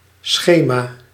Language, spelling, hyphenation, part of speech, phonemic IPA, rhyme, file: Dutch, schema, sche‧ma, noun, /ˈsxeː.maː/, -eːmaː, Nl-schema.ogg
- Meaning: 1. visualisation, diagram 2. conceptual model